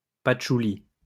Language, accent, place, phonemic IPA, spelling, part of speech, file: French, France, Lyon, /pat.ʃu.li/, patchouli, noun, LL-Q150 (fra)-patchouli.wav
- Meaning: 1. patchouli (plant) 2. patchouli (oil)